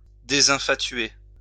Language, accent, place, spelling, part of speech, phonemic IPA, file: French, France, Lyon, désinfatuer, verb, /de.zɛ̃.fa.tɥe/, LL-Q150 (fra)-désinfatuer.wav
- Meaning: 1. to disabuse, to undeceive, to dispel the infatuation of 2. to cease being infatuated